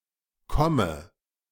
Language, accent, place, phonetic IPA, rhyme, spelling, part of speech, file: German, Germany, Berlin, [ˈkɔmə], -ɔmə, komme, verb, De-komme.ogg
- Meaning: inflection of kommen: 1. first-person singular present 2. first/third-person singular subjunctive I 3. singular imperative